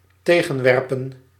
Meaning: to object, to state to the contrary (usually accompanied by a subordinate clause)
- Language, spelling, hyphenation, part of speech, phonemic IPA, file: Dutch, tegenwerpen, te‧gen‧wer‧pen, verb, /ˈteː.ɣə(n)ˌʋɛr.pə(n)/, Nl-tegenwerpen.ogg